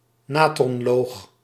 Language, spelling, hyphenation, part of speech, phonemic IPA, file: Dutch, natronloog, na‧tron‧loog, noun, /ˈnaː.trɔnˌloːx/, Nl-natronloog.ogg
- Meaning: soda lye, caustic soda